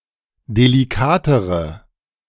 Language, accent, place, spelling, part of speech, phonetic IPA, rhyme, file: German, Germany, Berlin, delikatere, adjective, [deliˈkaːtəʁə], -aːtəʁə, De-delikatere.ogg
- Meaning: inflection of delikat: 1. strong/mixed nominative/accusative feminine singular comparative degree 2. strong nominative/accusative plural comparative degree